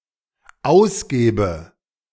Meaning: inflection of ausgeben: 1. first-person singular dependent present 2. first/third-person singular dependent subjunctive I
- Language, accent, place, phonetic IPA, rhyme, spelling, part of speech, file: German, Germany, Berlin, [ˈaʊ̯sˌɡeːbə], -aʊ̯sɡeːbə, ausgebe, verb, De-ausgebe.ogg